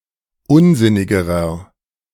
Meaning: inflection of unsinnig: 1. strong/mixed nominative masculine singular comparative degree 2. strong genitive/dative feminine singular comparative degree 3. strong genitive plural comparative degree
- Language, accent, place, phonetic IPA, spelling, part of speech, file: German, Germany, Berlin, [ˈʊnˌzɪnɪɡəʁɐ], unsinnigerer, adjective, De-unsinnigerer.ogg